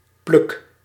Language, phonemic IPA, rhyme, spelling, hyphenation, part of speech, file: Dutch, /plʏk/, -ʏk, pluk, pluk, noun / verb, Nl-pluk.ogg
- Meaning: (noun) a handful, a tuft; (verb) inflection of plukken: 1. first-person singular present indicative 2. second-person singular present indicative 3. imperative